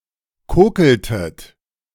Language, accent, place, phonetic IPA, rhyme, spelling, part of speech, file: German, Germany, Berlin, [ˈkoːkl̩tət], -oːkl̩tət, kokeltet, verb, De-kokeltet.ogg
- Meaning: inflection of kokeln: 1. second-person plural preterite 2. second-person plural subjunctive II